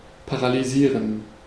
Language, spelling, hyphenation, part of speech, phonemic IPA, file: German, paralysieren, pa‧ra‧ly‧sie‧ren, verb, /ˌpaʁalyˈziːʁən/, De-paralysieren.ogg
- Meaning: to paralyze